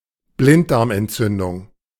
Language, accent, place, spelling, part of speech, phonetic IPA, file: German, Germany, Berlin, Blinddarmentzündung, noun, [ˈblɪntdaʁmʔɛntˌtsʏndʊŋ], De-Blinddarmentzündung.ogg
- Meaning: appendicitis